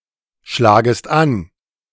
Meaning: second-person singular subjunctive I of anschlagen
- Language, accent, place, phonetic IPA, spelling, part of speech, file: German, Germany, Berlin, [ˌʃlaːɡəst ˈan], schlagest an, verb, De-schlagest an.ogg